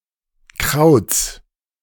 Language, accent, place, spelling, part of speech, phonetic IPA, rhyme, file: German, Germany, Berlin, Krauts, noun, [kʁaʊ̯t͡s], -aʊ̯t͡s, De-Krauts.ogg
- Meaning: genitive singular of Kraut